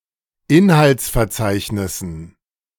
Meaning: dative plural of Inhaltsverzeichnis
- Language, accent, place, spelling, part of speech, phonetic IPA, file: German, Germany, Berlin, Inhaltsverzeichnissen, noun, [ˈɪnhalt͡sfɛɐ̯ˌt͡saɪ̯çnɪsn̩], De-Inhaltsverzeichnissen.ogg